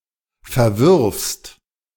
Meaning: second-person singular present of verwerfen
- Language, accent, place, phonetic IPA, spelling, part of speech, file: German, Germany, Berlin, [fɛɐ̯ˈvɪʁfst], verwirfst, verb, De-verwirfst.ogg